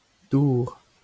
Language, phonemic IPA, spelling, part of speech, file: Breton, /ˈduːr/, dour, noun, LL-Q12107 (bre)-dour.wav
- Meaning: 1. water 2. rain, tears, sweat, saliva